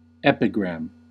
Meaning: 1. An inscription in stone 2. A brief but witty saying 3. A short, witty or pithy poem
- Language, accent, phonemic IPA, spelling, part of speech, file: English, US, /ˈɛpɪɡɹæm/, epigram, noun, En-us-epigram.ogg